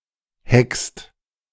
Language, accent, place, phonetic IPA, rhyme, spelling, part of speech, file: German, Germany, Berlin, [hɛkst], -ɛkst, hext, verb, De-hext.ogg
- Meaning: inflection of hexen: 1. second/third-person singular present 2. second-person plural present 3. plural imperative